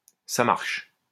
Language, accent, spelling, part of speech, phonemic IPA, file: French, France, ça marche, phrase, /sa maʁʃ/, LL-Q150 (fra)-ça marche.wav
- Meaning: 1. Used other than figuratively or idiomatically: see ça, marche 2. OK, all right, sure, sure thing, sounds good, that's fine, that works for me